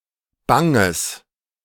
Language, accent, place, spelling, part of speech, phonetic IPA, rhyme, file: German, Germany, Berlin, banges, adjective, [ˈbaŋəs], -aŋəs, De-banges.ogg
- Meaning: strong/mixed nominative/accusative neuter singular of bang